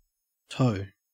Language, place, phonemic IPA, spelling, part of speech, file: English, Queensland, /təʉ/, toe, noun / verb, En-au-toe.ogg
- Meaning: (noun) 1. Each of the five digits on the end of the human foot 2. Each of the five digits on the end of the human foot.: The equivalent part in an animal